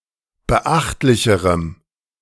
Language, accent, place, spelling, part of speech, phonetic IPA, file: German, Germany, Berlin, beachtlicherem, adjective, [bəˈʔaxtlɪçəʁəm], De-beachtlicherem.ogg
- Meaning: strong dative masculine/neuter singular comparative degree of beachtlich